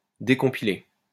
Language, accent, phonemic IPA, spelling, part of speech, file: French, France, /de.kɔ̃.pi.le/, décompiler, verb, LL-Q150 (fra)-décompiler.wav
- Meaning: to decompile